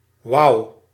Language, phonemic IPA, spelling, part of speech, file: Dutch, /wɑu/, wauw, interjection, Nl-wauw.ogg